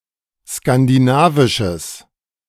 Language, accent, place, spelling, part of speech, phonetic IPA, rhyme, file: German, Germany, Berlin, skandinavisches, adjective, [skandiˈnaːvɪʃəs], -aːvɪʃəs, De-skandinavisches.ogg
- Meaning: strong/mixed nominative/accusative neuter singular of skandinavisch